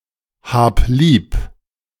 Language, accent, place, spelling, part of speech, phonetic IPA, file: German, Germany, Berlin, hab lieb, verb, [ˌhaːp ˈliːp], De-hab lieb.ogg
- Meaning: singular imperative of lieb haben